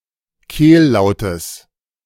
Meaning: genitive singular of Kehllaut
- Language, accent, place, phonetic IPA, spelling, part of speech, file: German, Germany, Berlin, [ˈkeːlˌlaʊ̯təs], Kehllautes, noun, De-Kehllautes.ogg